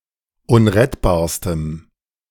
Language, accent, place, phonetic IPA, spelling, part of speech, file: German, Germany, Berlin, [ˈʊnʁɛtbaːɐ̯stəm], unrettbarstem, adjective, De-unrettbarstem.ogg
- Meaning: strong dative masculine/neuter singular superlative degree of unrettbar